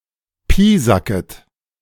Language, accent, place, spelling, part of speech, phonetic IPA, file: German, Germany, Berlin, piesacket, verb, [ˈpiːzakət], De-piesacket.ogg
- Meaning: second-person plural subjunctive I of piesacken